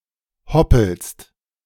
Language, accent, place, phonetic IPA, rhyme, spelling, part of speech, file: German, Germany, Berlin, [ˈhɔpl̩st], -ɔpl̩st, hoppelst, verb, De-hoppelst.ogg
- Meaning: second-person singular present of hoppeln